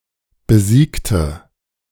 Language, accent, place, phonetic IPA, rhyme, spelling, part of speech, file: German, Germany, Berlin, [bəˈziːktə], -iːktə, besiegte, adjective / verb, De-besiegte.ogg
- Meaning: inflection of besiegt: 1. strong/mixed nominative/accusative feminine singular 2. strong nominative/accusative plural 3. weak nominative all-gender singular 4. weak accusative feminine/neuter singular